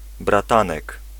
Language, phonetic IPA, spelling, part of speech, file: Polish, [braˈtãnɛk], bratanek, noun, Pl-bratanek.ogg